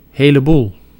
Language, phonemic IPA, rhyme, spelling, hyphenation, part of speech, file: Dutch, /ˌɦeː.ləˈbul/, -ul, heleboel, he‧le‧boel, numeral, Nl-heleboel.ogg
- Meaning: (a) lot